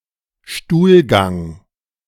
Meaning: stool, defecation
- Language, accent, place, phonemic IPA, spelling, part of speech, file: German, Germany, Berlin, /ˈʃtuːlɡaŋ/, Stuhlgang, noun, De-Stuhlgang.ogg